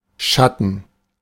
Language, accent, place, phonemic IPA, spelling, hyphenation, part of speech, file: German, Germany, Berlin, /ˈʃatən/, Schatten, Schat‧ten, noun, De-Schatten.ogg
- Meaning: shade, shadow